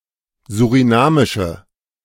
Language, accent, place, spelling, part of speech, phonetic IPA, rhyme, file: German, Germany, Berlin, surinamische, adjective, [zuʁiˈnaːmɪʃə], -aːmɪʃə, De-surinamische.ogg
- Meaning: inflection of surinamisch: 1. strong/mixed nominative/accusative feminine singular 2. strong nominative/accusative plural 3. weak nominative all-gender singular